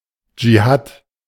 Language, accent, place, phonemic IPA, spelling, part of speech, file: German, Germany, Berlin, /d͡ʒiˈhaːt/, Dschihad, noun, De-Dschihad.ogg
- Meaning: jihad (holy war undertaken by Muslims)